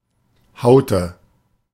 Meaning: inflection of hauen: 1. first/third-person singular preterite 2. first/third-person singular subjunctive II
- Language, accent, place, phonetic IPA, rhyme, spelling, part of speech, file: German, Germany, Berlin, [ˈhaʊ̯tə], -aʊ̯tə, haute, verb, De-haute.ogg